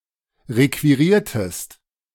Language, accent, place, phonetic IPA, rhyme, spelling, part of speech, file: German, Germany, Berlin, [ˌʁekviˈʁiːɐ̯təst], -iːɐ̯təst, requiriertest, verb, De-requiriertest.ogg
- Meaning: inflection of requirieren: 1. second-person singular preterite 2. second-person singular subjunctive II